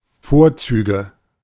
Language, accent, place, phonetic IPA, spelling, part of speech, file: German, Germany, Berlin, [ˈfoːɐ̯ˌt͡syːɡə], Vorzüge, noun, De-Vorzüge.ogg
- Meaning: nominative/accusative/genitive plural of Vorzug